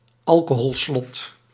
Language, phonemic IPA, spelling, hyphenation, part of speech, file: Dutch, /ˈɑl.koː.ɦɔlˌslɔt/, alcoholslot, al‧co‧hol‧slot, noun, Nl-alcoholslot.ogg
- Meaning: a breath alcohol ignition interlock device